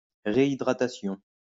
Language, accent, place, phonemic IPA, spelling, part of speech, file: French, France, Lyon, /ʁe.i.dʁa.ta.sjɔ̃/, réhydratation, noun, LL-Q150 (fra)-réhydratation.wav
- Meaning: rehydration